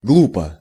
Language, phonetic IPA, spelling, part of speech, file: Russian, [ˈɡɫupə], глупо, adverb / adjective, Ru-глупо.ogg
- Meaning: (adverb) foolishly, stupidly; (adjective) short neuter singular of глу́пый (glúpyj)